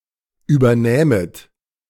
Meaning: second-person plural subjunctive II of übernehmen
- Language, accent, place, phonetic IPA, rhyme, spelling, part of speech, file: German, Germany, Berlin, [ˌʔyːbɐˈnɛːmət], -ɛːmət, übernähmet, verb, De-übernähmet.ogg